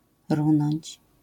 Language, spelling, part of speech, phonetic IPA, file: Polish, runąć, verb, [ˈrũnɔ̃ɲt͡ɕ], LL-Q809 (pol)-runąć.wav